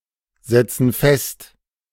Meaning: inflection of festsetzen: 1. first/third-person plural present 2. first/third-person plural subjunctive I
- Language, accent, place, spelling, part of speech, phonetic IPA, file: German, Germany, Berlin, setzen fest, verb, [ˌzɛt͡sn̩ ˈfɛst], De-setzen fest.ogg